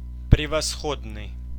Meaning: 1. excellent, splendid, superior (possessing or displaying splendor) 2. first-class, first-rate 3. superlative
- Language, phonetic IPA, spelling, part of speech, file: Russian, [prʲɪvɐˈsxodnɨj], превосходный, adjective, Ru-превосходный.ogg